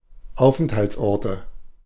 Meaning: nominative/accusative/genitive plural of Aufenthaltsort
- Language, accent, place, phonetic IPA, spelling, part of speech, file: German, Germany, Berlin, [ˈaʊ̯fʔɛnthalt͡sˌʔɔʁtə], Aufenthaltsorte, noun, De-Aufenthaltsorte.ogg